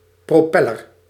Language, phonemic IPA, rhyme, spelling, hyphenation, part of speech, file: Dutch, /ˌproːˈpɛ.lər/, -ɛlər, propeller, pro‧pel‧ler, noun, Nl-propeller.ogg
- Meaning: a propeller